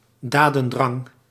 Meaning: a desire to take action, often to achieve an ambitious goal
- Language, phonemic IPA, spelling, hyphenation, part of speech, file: Dutch, /ˈdaː.də(n)ˌdrɑŋ/, dadendrang, da‧den‧drang, noun, Nl-dadendrang.ogg